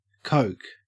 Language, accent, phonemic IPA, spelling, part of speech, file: English, Australia, /koʉk/, coke, noun / verb, En-au-coke.ogg
- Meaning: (noun) Solid residue from roasting coal in a coke oven; used principally as a fuel and in the production of steel and formerly as a domestic fuel; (verb) To produce coke from coal